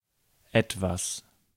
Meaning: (pronoun) something; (adverb) 1. somewhat, slightly 2. a little, a bit; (determiner) some, a bit of
- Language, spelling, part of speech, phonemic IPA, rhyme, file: German, etwas, pronoun / adverb / determiner, /ˈɛtvas/, -as, De-etwas.ogg